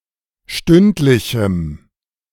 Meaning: strong dative masculine/neuter singular of stündlich
- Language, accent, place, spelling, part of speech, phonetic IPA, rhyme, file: German, Germany, Berlin, stündlichem, adjective, [ˈʃtʏntlɪçm̩], -ʏntlɪçm̩, De-stündlichem.ogg